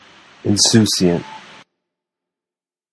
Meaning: Casually unconcerned; carefree, indifferent, nonchalant
- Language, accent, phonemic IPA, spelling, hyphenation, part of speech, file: English, General American, /inˈsusiənt/, insouciant, in‧sou‧ciant, adjective, En-us-insouciant.flac